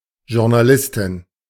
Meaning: journalist (female)
- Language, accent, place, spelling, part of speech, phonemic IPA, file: German, Germany, Berlin, Journalistin, noun, /ˌʒʊʁnaˈlɪstɪn/, De-Journalistin.ogg